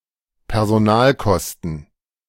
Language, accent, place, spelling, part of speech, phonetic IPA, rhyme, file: German, Germany, Berlin, Personalkosten, noun, [pɛʁzoˈnaːlˌkɔstn̩], -aːlkɔstn̩, De-Personalkosten.ogg
- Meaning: labour / manpower costs